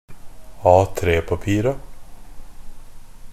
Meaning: definite plural of A3-papir
- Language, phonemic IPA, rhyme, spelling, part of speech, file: Norwegian Bokmål, /ˈɑːtɾeːpapiːra/, -iːra, A3-papira, noun, NB - Pronunciation of Norwegian Bokmål «A3-papira».ogg